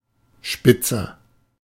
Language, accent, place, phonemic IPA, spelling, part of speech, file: German, Germany, Berlin, /ˈʃpɪtsɐ/, spitzer, adjective, De-spitzer.ogg
- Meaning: 1. comparative degree of spitz 2. inflection of spitz: strong/mixed nominative masculine singular 3. inflection of spitz: strong genitive/dative feminine singular